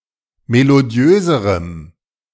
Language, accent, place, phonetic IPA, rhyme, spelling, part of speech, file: German, Germany, Berlin, [meloˈdi̯øːzəʁəm], -øːzəʁəm, melodiöserem, adjective, De-melodiöserem.ogg
- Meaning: strong dative masculine/neuter singular comparative degree of melodiös